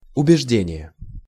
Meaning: 1. belief, conviction 2. persuasion (the act of persuading)
- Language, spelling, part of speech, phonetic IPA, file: Russian, убеждение, noun, [ʊbʲɪʐˈdʲenʲɪje], Ru-убеждение.ogg